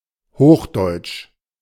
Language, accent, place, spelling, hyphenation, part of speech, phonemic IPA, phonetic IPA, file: German, Germany, Berlin, hochdeutsch, hoch‧deutsch, adjective, /ˈhoːxˌdɔɪ̯t͡ʃ/, [ˈhoːxˌdɔɪ̯t͡ʃ], De-hochdeutsch.ogg
- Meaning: High German